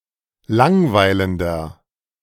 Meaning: inflection of langweilend: 1. strong/mixed nominative masculine singular 2. strong genitive/dative feminine singular 3. strong genitive plural
- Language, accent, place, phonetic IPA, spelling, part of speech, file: German, Germany, Berlin, [ˈlaŋˌvaɪ̯ləndɐ], langweilender, adjective, De-langweilender.ogg